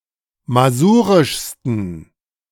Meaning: 1. superlative degree of masurisch 2. inflection of masurisch: strong genitive masculine/neuter singular superlative degree
- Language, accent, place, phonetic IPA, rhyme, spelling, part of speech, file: German, Germany, Berlin, [maˈzuːʁɪʃstn̩], -uːʁɪʃstn̩, masurischsten, adjective, De-masurischsten.ogg